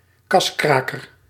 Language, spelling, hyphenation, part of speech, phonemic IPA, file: Dutch, kaskraker, kas‧kra‧ker, noun, /ˈkɑsˌkraː.kər/, Nl-kaskraker.ogg
- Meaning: blockbuster